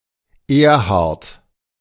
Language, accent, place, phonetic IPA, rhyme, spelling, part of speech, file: German, Germany, Berlin, [ˈeːɐ̯haʁt], -eːɐ̯haʁt, Erhard, proper noun, De-Erhard.ogg
- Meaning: 1. a male given name 2. a surname transferred from the given name